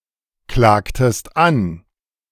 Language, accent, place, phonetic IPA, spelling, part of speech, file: German, Germany, Berlin, [ˌklaːktəst ˈan], klagtest an, verb, De-klagtest an.ogg
- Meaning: inflection of anklagen: 1. second-person singular preterite 2. second-person singular subjunctive II